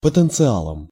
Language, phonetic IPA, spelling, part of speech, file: Russian, [pətɨnt͡sɨˈaɫəm], потенциалом, noun, Ru-потенциалом.ogg
- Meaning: instrumental singular of потенциа́л (potɛnciál)